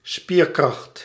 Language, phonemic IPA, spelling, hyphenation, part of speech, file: Dutch, /ˈspiːr.krɑxt/, spierkracht, spier‧kracht, noun, Nl-spierkracht.ogg
- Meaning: muscle power